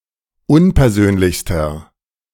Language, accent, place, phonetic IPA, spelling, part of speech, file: German, Germany, Berlin, [ˈʊnpɛɐ̯ˌzøːnlɪçstɐ], unpersönlichster, adjective, De-unpersönlichster.ogg
- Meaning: inflection of unpersönlich: 1. strong/mixed nominative masculine singular superlative degree 2. strong genitive/dative feminine singular superlative degree 3. strong genitive plural superlative degree